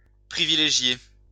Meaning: to privilege, to favour
- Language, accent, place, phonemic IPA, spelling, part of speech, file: French, France, Lyon, /pʁi.vi.le.ʒje/, privilégier, verb, LL-Q150 (fra)-privilégier.wav